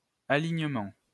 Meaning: alignment (all senses)
- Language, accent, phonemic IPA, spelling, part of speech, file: French, France, /a.liɲ.mɑ̃/, alignement, noun, LL-Q150 (fra)-alignement.wav